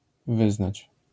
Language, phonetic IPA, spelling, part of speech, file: Polish, [ˈvɨznat͡ɕ], wyznać, verb, LL-Q809 (pol)-wyznać.wav